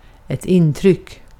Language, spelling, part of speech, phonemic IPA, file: Swedish, intryck, noun, /ɪntrʏkː/, Sv-intryck.ogg
- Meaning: impression